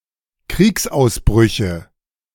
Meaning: nominative/accusative/genitive plural of Kriegsausbruch
- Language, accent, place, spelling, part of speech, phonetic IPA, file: German, Germany, Berlin, Kriegsausbrüche, noun, [ˈkʁiːksʔaʊ̯sˌbʁʏçə], De-Kriegsausbrüche.ogg